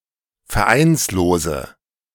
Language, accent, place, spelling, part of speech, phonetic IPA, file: German, Germany, Berlin, vereinslose, adjective, [fɛɐ̯ˈʔaɪ̯nsloːzə], De-vereinslose.ogg
- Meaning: inflection of vereinslos: 1. strong/mixed nominative/accusative feminine singular 2. strong nominative/accusative plural 3. weak nominative all-gender singular